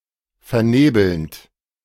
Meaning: present participle of vernebeln
- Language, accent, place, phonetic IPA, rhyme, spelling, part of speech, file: German, Germany, Berlin, [fɛɐ̯ˈneːbl̩nt], -eːbl̩nt, vernebelnd, verb, De-vernebelnd.ogg